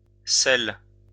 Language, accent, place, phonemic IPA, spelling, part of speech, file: French, France, Lyon, /sɛl/, sels, noun, LL-Q150 (fra)-sels.wav
- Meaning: 1. plural of sel 2. smelling salts